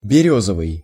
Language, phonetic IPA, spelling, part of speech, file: Russian, [bʲɪˈrʲɵzəvɨj], берёзовый, adjective, Ru-берёзовый.ogg
- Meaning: birch; birchen